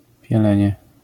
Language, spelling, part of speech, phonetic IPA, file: Polish, pielenie, noun, [pʲjɛˈlɛ̃ɲɛ], LL-Q809 (pol)-pielenie.wav